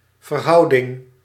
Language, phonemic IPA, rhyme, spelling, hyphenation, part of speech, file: Dutch, /vərˈɦɑu̯.dɪŋ/, -ɑu̯dɪŋ, verhouding, ver‧hou‧ding, noun, Nl-verhouding.ogg
- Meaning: 1. proportion 2. ratio, proportion 3. relation, connection 4. intimate relationship between two persons